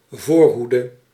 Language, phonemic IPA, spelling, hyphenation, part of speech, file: Dutch, /ˈvoːrˌɦu.də/, voorhoede, voor‧hoe‧de, noun, Nl-voorhoede.ogg
- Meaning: 1. a vanguard 2. a leading edge (vanguard)